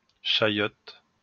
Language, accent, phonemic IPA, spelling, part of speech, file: French, France, /ʃa.jɔt/, chayotte, noun, LL-Q150 (fra)-chayotte.wav
- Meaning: chayote (plant)